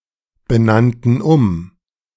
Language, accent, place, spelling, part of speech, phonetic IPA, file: German, Germany, Berlin, benannten um, verb, [bəˌnantn̩ ˈʊm], De-benannten um.ogg
- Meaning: first/third-person plural preterite of umbenennen